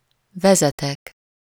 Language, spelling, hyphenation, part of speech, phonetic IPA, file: Hungarian, vezetek, ve‧ze‧tek, verb, [ˈvɛzɛtɛk], Hu-vezetek.ogg
- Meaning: first-person singular indicative present indefinite of vezet